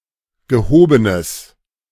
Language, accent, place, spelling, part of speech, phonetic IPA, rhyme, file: German, Germany, Berlin, gehobenes, adjective, [ɡəˈhoːbənəs], -oːbənəs, De-gehobenes.ogg
- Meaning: strong/mixed nominative/accusative neuter singular of gehoben